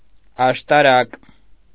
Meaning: tower
- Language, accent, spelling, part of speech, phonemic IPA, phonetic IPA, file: Armenian, Eastern Armenian, աշտարակ, noun, /ɑʃtɑˈɾɑk/, [ɑʃtɑɾɑ́k], Hy-աշտարակ.ogg